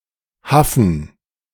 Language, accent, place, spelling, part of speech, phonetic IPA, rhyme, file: German, Germany, Berlin, Haffen, noun, [ˈhafn̩], -afn̩, De-Haffen.ogg
- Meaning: dative plural of Haff